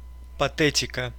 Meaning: emotionality, pompousness, histrionics
- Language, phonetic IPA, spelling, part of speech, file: Russian, [pɐˈtɛtʲɪkə], патетика, noun, Ru-патетика.ogg